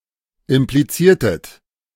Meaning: inflection of implizieren: 1. second-person plural preterite 2. second-person plural subjunctive II
- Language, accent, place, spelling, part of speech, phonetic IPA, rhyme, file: German, Germany, Berlin, impliziertet, verb, [ɪmpliˈt͡siːɐ̯tət], -iːɐ̯tət, De-impliziertet.ogg